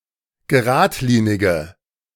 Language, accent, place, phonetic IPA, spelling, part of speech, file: German, Germany, Berlin, [ɡəˈʁaːtˌliːnɪɡə], geradlinige, adjective, De-geradlinige.ogg
- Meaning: inflection of geradlinig: 1. strong/mixed nominative/accusative feminine singular 2. strong nominative/accusative plural 3. weak nominative all-gender singular